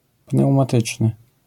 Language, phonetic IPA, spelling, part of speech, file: Polish, [ˌpnɛwmaˈtɨt͡ʃnɨ], pneumatyczny, adjective, LL-Q809 (pol)-pneumatyczny.wav